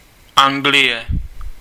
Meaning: England (a constituent country of the United Kingdom)
- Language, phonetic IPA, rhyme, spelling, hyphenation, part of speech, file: Czech, [ˈaŋɡlɪjɛ], -ɪjɛ, Anglie, An‧g‧lie, proper noun, Cs-Anglie.ogg